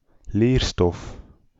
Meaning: the subject matter that is taught or studied
- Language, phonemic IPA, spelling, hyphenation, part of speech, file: Dutch, /ˈleːr.stɔf/, leerstof, leer‧stof, noun, Nl-leerstof.ogg